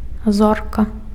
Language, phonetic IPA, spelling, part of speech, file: Belarusian, [ˈzorka], зорка, noun, Be-зорка.ogg
- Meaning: 1. star 2. star (celebrity)